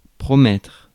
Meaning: 1. to promise 2. to promise: to promise oneself 3. to be promising, to be hopeful 4. to hope (for) 5. to resolve (to)
- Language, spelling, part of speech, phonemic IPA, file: French, promettre, verb, /pʁɔ.mɛtʁ/, Fr-promettre.ogg